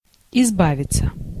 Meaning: 1. to get rid of; to rid oneself (of), to escape from, to dispose of 2. passive of изба́вить (izbávitʹ)
- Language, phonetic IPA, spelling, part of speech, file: Russian, [ɪzˈbavʲɪt͡sə], избавиться, verb, Ru-избавиться.ogg